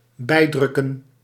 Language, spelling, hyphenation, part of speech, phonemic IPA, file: Dutch, bijdrukken, bij‧druk‧ken, verb, /ˈbɛi̯ˌdrʏ.kə(n)/, Nl-bijdrukken.ogg
- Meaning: to print additionally, to add by printing